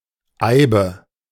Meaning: yew (tree or shrub)
- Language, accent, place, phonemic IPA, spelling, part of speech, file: German, Germany, Berlin, /ˈaɪ̯bə/, Eibe, noun, De-Eibe.ogg